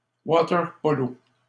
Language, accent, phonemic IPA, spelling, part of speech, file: French, Canada, /wa.tɛʁ.pɔ.lo/, water-polo, noun, LL-Q150 (fra)-water-polo.wav
- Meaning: alternative spelling of waterpolo